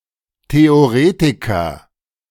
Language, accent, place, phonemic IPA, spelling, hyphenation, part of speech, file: German, Germany, Berlin, /te.oˈʁeː.ti.kɐ/, Theoretiker, The‧o‧re‧ti‧ker, noun, De-Theoretiker.ogg
- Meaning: theorist